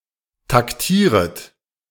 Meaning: second-person plural subjunctive I of taktieren
- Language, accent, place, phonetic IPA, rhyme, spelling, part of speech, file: German, Germany, Berlin, [takˈtiːʁət], -iːʁət, taktieret, verb, De-taktieret.ogg